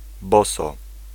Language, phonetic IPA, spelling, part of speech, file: Polish, [ˈbɔsɔ], boso, adverb, Pl-boso.ogg